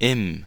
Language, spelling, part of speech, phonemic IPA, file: German, im, contraction, /ɪm/, De-im.ogg
- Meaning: contraction of in + dem; in the